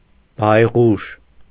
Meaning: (noun) 1. owl 2. foreteller of misfortune; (adjective) ominous, ill-boding, sinister
- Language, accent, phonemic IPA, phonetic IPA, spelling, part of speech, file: Armenian, Eastern Armenian, /bɑjˈʁuʃ/, [bɑjʁúʃ], բայղուշ, noun / adjective, Hy-բայղուշ.ogg